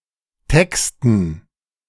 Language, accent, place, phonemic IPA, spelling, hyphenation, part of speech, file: German, Germany, Berlin, /ˈtɛkstn̩/, texten, tex‧ten, verb, De-texten.ogg
- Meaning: 1. to write (song, script etc) 2. to text